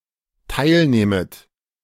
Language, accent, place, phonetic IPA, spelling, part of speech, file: German, Germany, Berlin, [ˈtaɪ̯lˌneːmət], teilnehmet, verb, De-teilnehmet.ogg
- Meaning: second-person plural dependent subjunctive I of teilnehmen